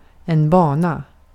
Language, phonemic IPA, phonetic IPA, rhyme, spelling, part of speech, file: Swedish, /²bɑːna/, [ˈbɑːˌna], -ɑːna, bana, noun / verb, Sv-bana.ogg
- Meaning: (noun) 1. a trajectory, a course, a path (path that something moves along, especially in physics, astronomy, or the like) 2. along those lines 3. a career path, life path, etc.; a route